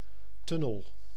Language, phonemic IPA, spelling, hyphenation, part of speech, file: Dutch, /ˈtʏ.nəl/, tunnel, tun‧nel, noun, Nl-tunnel.ogg
- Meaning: tunnel